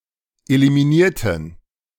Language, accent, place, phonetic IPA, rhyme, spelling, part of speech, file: German, Germany, Berlin, [elimiˈniːɐ̯tn̩], -iːɐ̯tn̩, eliminierten, adjective / verb, De-eliminierten.ogg
- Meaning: inflection of eliminieren: 1. first/third-person plural preterite 2. first/third-person plural subjunctive II